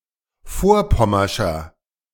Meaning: inflection of vorpommersch: 1. strong/mixed nominative masculine singular 2. strong genitive/dative feminine singular 3. strong genitive plural
- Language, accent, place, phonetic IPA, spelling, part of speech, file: German, Germany, Berlin, [ˈfoːɐ̯ˌpɔmɐʃɐ], vorpommerscher, adjective, De-vorpommerscher.ogg